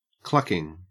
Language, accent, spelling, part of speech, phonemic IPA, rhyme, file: English, Australia, clucking, verb / noun / adjective, /ˈklʌkɪŋ/, -ʌkɪŋ, En-au-clucking.ogg
- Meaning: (verb) present participle and gerund of cluck; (noun) The action of the verb cluck; a cluck sound; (adjective) fucking (as intensifier)